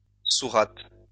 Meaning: sura
- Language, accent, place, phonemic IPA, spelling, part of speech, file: French, France, Lyon, /su.ʁat/, sourate, noun, LL-Q150 (fra)-sourate.wav